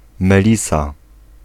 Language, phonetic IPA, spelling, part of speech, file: Polish, [mɛˈlʲisa], melisa, noun, Pl-melisa.ogg